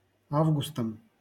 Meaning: instrumental singular of а́вгуст (ávgust)
- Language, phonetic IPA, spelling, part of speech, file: Russian, [ˈavɡʊstəm], августом, noun, LL-Q7737 (rus)-августом.wav